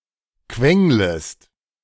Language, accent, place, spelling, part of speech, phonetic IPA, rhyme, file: German, Germany, Berlin, quenglest, verb, [ˈkvɛŋləst], -ɛŋləst, De-quenglest.ogg
- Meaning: second-person singular subjunctive I of quengeln